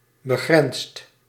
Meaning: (adjective) 1. limited, circumscribed 2. bounded; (verb) past participle of begrenzen
- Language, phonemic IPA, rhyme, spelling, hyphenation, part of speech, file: Dutch, /bəˈɣrɛnst/, -ɛnst, begrensd, be‧grensd, adjective / verb, Nl-begrensd.ogg